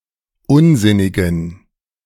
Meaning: inflection of unsinnig: 1. strong genitive masculine/neuter singular 2. weak/mixed genitive/dative all-gender singular 3. strong/weak/mixed accusative masculine singular 4. strong dative plural
- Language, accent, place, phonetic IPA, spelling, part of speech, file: German, Germany, Berlin, [ˈʊnˌzɪnɪɡn̩], unsinnigen, adjective, De-unsinnigen.ogg